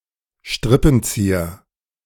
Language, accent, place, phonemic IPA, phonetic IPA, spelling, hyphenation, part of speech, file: German, Germany, Berlin, /ˈʃtʁɪpn̩ˌt͡siːɐ/, [ˈʃtʁɪpm̩ˌt͡siːɐ], Strippenzieher, Strip‧pen‧zie‧her, noun, De-Strippenzieher.ogg
- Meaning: string puller, puppet master, mastermind, svengali